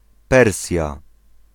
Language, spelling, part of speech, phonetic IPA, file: Polish, Persja, proper noun, [ˈpɛrsʲja], Pl-Persja.ogg